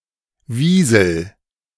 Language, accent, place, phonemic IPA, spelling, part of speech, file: German, Germany, Berlin, /ˈviːzl̩/, Wiesel, noun, De-Wiesel.ogg
- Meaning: weasel (Mustela nivalis)